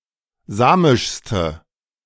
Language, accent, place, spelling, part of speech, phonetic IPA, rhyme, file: German, Germany, Berlin, samischste, adjective, [ˈzaːmɪʃstə], -aːmɪʃstə, De-samischste.ogg
- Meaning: inflection of samisch: 1. strong/mixed nominative/accusative feminine singular superlative degree 2. strong nominative/accusative plural superlative degree